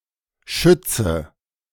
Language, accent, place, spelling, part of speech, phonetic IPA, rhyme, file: German, Germany, Berlin, schützte, verb, [ˈʃʏt͡stə], -ʏt͡stə, De-schützte.ogg
- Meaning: inflection of schützen: 1. first/third-person singular preterite 2. first/third-person singular subjunctive II